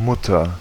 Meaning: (noun) mother; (proper noun) Mother; Mum; Mom: one's mother; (noun) nut (for a bolt)
- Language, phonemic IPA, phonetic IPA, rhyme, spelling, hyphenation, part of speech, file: German, /ˈmʊtər/, [ˈmʊtɐ], -ʊtɐ, Mutter, Mut‧ter, noun / proper noun, De-Mutter.ogg